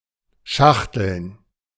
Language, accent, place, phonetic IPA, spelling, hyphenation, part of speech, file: German, Germany, Berlin, [ˈʃaxtl̩n], schachteln, schach‧teln, verb, De-schachteln.ogg
- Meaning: to nest (i.e. place one thing inside another)